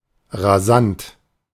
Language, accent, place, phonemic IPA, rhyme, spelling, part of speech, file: German, Germany, Berlin, /ʁaˈzant/, -ant, rasant, adjective, De-rasant.ogg
- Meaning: 1. having a flat trajectory 2. rapid, turbulent, tempestuous (at great and possibly uncontrolled speed)